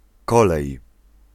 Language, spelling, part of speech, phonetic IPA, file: Polish, kolej, noun, [ˈkɔlɛj], Pl-kolej.ogg